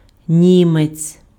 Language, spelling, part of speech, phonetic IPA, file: Ukrainian, німець, noun, [ˈnʲimet͡sʲ], Uk-німець.ogg
- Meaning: 1. German (male person) 2. German Shepherd dog 3. German made car